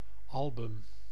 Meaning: 1. album (book of photographs, stamps, or autographs) 2. album (vinyl record or group of audio recordings in any media)
- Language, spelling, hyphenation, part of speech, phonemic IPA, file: Dutch, album, al‧bum, noun, /ˈɑl.bʏm/, Nl-album.ogg